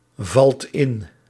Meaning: inflection of invallen: 1. second/third-person singular present indicative 2. plural imperative
- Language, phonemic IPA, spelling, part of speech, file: Dutch, /ˈvɑlt ˈɪn/, valt in, verb, Nl-valt in.ogg